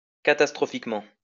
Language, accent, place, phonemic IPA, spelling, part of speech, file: French, France, Lyon, /ka.tas.tʁɔ.fik.mɑ̃/, catastrophiquement, adverb, LL-Q150 (fra)-catastrophiquement.wav
- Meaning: catastrophically